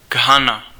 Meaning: Ghana (a country in West Africa)
- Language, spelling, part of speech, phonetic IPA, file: Czech, Ghana, proper noun, [ˈɡɦana], Cs-Ghana.ogg